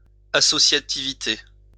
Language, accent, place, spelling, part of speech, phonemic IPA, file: French, France, Lyon, associativité, noun, /a.sɔ.sja.ti.vi.te/, LL-Q150 (fra)-associativité.wav
- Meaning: associativity (condition of being associative)